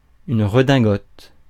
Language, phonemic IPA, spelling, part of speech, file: French, /ʁə.dɛ̃.ɡɔt/, redingote, noun, Fr-redingote.ogg
- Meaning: frock coat